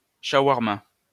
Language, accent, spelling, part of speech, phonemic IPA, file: French, France, chawarma, noun, /ʃa.waʁ.ma/, LL-Q150 (fra)-chawarma.wav
- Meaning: alternative spelling of shawarma